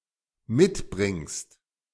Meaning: second-person singular dependent present of mitbringen
- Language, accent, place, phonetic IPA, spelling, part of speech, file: German, Germany, Berlin, [ˈmɪtˌbʁɪŋst], mitbringst, verb, De-mitbringst.ogg